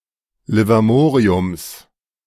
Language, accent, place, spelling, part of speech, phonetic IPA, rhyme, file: German, Germany, Berlin, Livermoriums, noun, [lɪvaˈmoːʁiʊms], -oːʁiʊms, De-Livermoriums.ogg
- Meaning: genitive of Livermorium